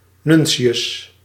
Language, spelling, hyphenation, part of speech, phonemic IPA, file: Dutch, nuntius, nun‧ti‧us, noun, /ˈnʏn.tsi.ʏs/, Nl-nuntius.ogg
- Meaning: a nuncio (diplomatic representative of the Holy See)